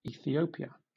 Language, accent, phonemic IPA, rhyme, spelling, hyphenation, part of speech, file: English, Southern England, /ˌiːθiˈəʊ.pi.ə/, -əʊpiə, Ethiopia, E‧thi‧o‧pi‧a, proper noun, LL-Q1860 (eng)-Ethiopia.wav
- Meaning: 1. A country in East Africa 2. A country in East Africa.: The Ethiopian Empire, from c. 1270 to 1974; Abyssinia 3. A country in East Africa.: Italian Ethiopia, from 1936 to 1941